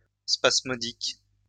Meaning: spasmodic
- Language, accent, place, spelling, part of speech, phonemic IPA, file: French, France, Lyon, spasmodique, adjective, /spas.mɔ.dik/, LL-Q150 (fra)-spasmodique.wav